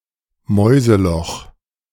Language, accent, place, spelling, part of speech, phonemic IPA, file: German, Germany, Berlin, Mäuseloch, noun, /ˈmɔʏ̯zəˌlɔx/, De-Mäuseloch.ogg
- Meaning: mousehole